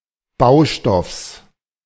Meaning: genitive singular of Baustoff
- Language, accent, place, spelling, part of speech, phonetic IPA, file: German, Germany, Berlin, Baustoffs, noun, [ˈbaʊ̯ˌʃtɔfs], De-Baustoffs.ogg